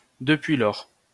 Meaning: since then, ever since
- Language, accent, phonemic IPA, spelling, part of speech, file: French, France, /də.pɥi lɔʁ/, depuis lors, adverb, LL-Q150 (fra)-depuis lors.wav